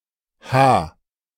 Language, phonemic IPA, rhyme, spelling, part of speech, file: German, /haː/, -aː, H, character / noun, De-h.ogg
- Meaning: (character) The eighth letter of the German alphabet, written in the Latin script; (noun) 1. H 2. B